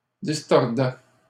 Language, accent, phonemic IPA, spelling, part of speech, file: French, Canada, /dis.tɔʁ.dɛ/, distordait, verb, LL-Q150 (fra)-distordait.wav
- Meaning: third-person singular imperfect indicative of distordre